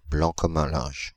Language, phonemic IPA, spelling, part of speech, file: French, /blɑ̃ kɔ.m‿œ̃ lɛ̃ʒ/, blanc comme un linge, adjective, Fr-blanc comme un linge.ogg
- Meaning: pale with fright; white as a sheet; white as a ghost